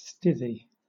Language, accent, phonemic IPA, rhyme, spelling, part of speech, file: English, Southern England, /ˈstɪði/, -ɪði, stithy, noun / verb, LL-Q1860 (eng)-stithy.wav
- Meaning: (noun) 1. An anvil 2. A blacksmith's smithy or forge; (verb) To form on an anvil